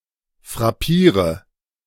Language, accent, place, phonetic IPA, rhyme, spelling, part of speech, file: German, Germany, Berlin, [fʁaˈpiːʁə], -iːʁə, frappiere, verb, De-frappiere.ogg
- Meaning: inflection of frappieren: 1. first-person singular present 2. singular imperative 3. first/third-person singular subjunctive I